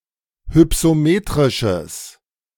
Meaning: strong/mixed nominative/accusative neuter singular of hypsometrisch
- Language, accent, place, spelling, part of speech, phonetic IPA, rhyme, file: German, Germany, Berlin, hypsometrisches, adjective, [hʏpsoˈmeːtʁɪʃəs], -eːtʁɪʃəs, De-hypsometrisches.ogg